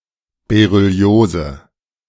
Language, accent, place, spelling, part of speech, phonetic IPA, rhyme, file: German, Germany, Berlin, Berylliose, noun, [beʁʏˈli̯oːzə], -oːzə, De-Berylliose.ogg
- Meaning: berylliosis